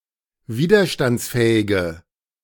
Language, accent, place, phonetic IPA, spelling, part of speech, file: German, Germany, Berlin, [ˈviːdɐʃtant͡sˌfɛːɪɡə], widerstandsfähige, adjective, De-widerstandsfähige.ogg
- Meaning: inflection of widerstandsfähig: 1. strong/mixed nominative/accusative feminine singular 2. strong nominative/accusative plural 3. weak nominative all-gender singular